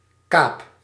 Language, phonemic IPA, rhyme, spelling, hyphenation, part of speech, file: Dutch, /kaːp/, -aːp, kaap, kaap, noun / verb, Nl-kaap.ogg
- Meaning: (noun) 1. a cape, headland 2. privateering, attacking and looting enemy ships under the auspices of one's government; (verb) inflection of kapen: first-person singular present indicative